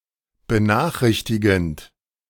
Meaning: present participle of benachrichtigen
- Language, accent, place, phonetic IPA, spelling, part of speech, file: German, Germany, Berlin, [bəˈnaːxˌʁɪçtɪɡn̩t], benachrichtigend, verb, De-benachrichtigend.ogg